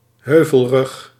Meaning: 1. ridge (of a hill) 2. range (of hills)
- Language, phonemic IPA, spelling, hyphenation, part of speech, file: Dutch, /ˈɦøː.vəlˌrʏx/, heuvelrug, heu‧vel‧rug, noun, Nl-heuvelrug.ogg